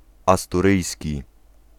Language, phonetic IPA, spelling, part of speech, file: Polish, [ˌastuˈrɨjsʲci], asturyjski, adjective / noun, Pl-asturyjski.ogg